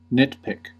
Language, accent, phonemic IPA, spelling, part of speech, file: English, US, /ˈnɪt.pɪk/, nitpick, verb / noun, En-us-nitpick.ogg
- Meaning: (verb) 1. To correct insignificant mistakes or find fault in unimportant details 2. To pick nits (lice eggs) from someone’s hair; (noun) A quibble about a minor mistake or fault